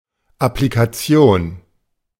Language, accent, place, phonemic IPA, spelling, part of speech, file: German, Germany, Berlin, /aplikaˈt͡si̯oːn/, Applikation, noun, De-Applikation.ogg
- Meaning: 1. application, (mobile) app 2. applique